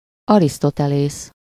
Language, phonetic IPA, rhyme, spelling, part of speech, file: Hungarian, [ˈɒristotɛleːs], -eːs, Arisztotelész, proper noun, Hu-Arisztotelész.ogg
- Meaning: Aristotle (an ancient Greek philosopher, logician, and scientist (382–322 BCE), student of Plato and teacher of Alexander the Great)